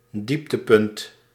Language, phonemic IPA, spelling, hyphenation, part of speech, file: Dutch, /ˈdip.təˌpʏnt/, dieptepunt, diep‧te‧punt, noun, Nl-dieptepunt.ogg
- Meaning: low point, nadir